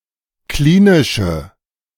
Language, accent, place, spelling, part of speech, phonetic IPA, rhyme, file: German, Germany, Berlin, klinische, adjective, [ˈkliːnɪʃə], -iːnɪʃə, De-klinische.ogg
- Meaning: inflection of klinisch: 1. strong/mixed nominative/accusative feminine singular 2. strong nominative/accusative plural 3. weak nominative all-gender singular